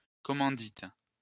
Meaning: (noun) a type of limited partnership in France, Quebec, and elsewhere; its full legal name is a société en commandite (SCS)
- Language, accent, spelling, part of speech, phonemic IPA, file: French, France, commandite, noun / verb, /kɔ.mɑ̃.dit/, LL-Q150 (fra)-commandite.wav